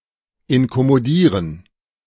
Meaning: to disturb
- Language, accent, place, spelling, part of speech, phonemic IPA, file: German, Germany, Berlin, inkommodieren, verb, /ɪnkɔmoˈdiːʁən/, De-inkommodieren.ogg